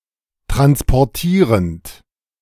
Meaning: present participle of transportieren
- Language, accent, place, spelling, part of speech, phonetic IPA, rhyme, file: German, Germany, Berlin, transportierend, verb, [ˌtʁanspɔʁˈtiːʁənt], -iːʁənt, De-transportierend.ogg